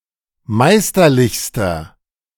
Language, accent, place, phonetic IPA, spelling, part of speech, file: German, Germany, Berlin, [ˈmaɪ̯stɐˌlɪçstɐ], meisterlichster, adjective, De-meisterlichster.ogg
- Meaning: inflection of meisterlich: 1. strong/mixed nominative masculine singular superlative degree 2. strong genitive/dative feminine singular superlative degree 3. strong genitive plural superlative degree